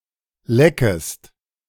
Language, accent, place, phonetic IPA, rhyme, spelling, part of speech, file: German, Germany, Berlin, [ˈlɛkəst], -ɛkəst, leckest, verb, De-leckest.ogg
- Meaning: second-person singular subjunctive I of lecken